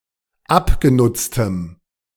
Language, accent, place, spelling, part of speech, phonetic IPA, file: German, Germany, Berlin, abgenutztem, adjective, [ˈapɡeˌnʊt͡stəm], De-abgenutztem.ogg
- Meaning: strong dative masculine/neuter singular of abgenutzt